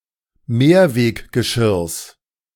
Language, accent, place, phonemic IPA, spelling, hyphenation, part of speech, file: German, Germany, Berlin, /ˈmeːɐ̯veːkɡəˌʃɪʁs/, Mehrweggeschirrs, Mehr‧weg‧ge‧schirrs, noun, De-Mehrweggeschirrs.ogg
- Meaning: genitive singular of Mehrweggeschirr